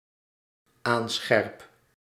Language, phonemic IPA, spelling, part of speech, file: Dutch, /ˈansxɛrᵊp/, aanscherp, verb, Nl-aanscherp.ogg
- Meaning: first-person singular dependent-clause present indicative of aanscherpen